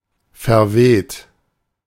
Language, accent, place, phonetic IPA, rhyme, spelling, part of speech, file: German, Germany, Berlin, [fɛɐ̯ˈveːt], -eːt, verweht, verb, De-verweht.ogg
- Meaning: 1. past participle of verwehen 2. inflection of verwehen: second-person plural present 3. inflection of verwehen: third-person singular present 4. inflection of verwehen: plural imperative